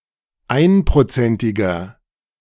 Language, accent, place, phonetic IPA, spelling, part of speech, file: German, Germany, Berlin, [ˈaɪ̯npʁoˌt͡sɛntɪɡɐ], einprozentiger, adjective, De-einprozentiger.ogg
- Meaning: inflection of einprozentig: 1. strong/mixed nominative masculine singular 2. strong genitive/dative feminine singular 3. strong genitive plural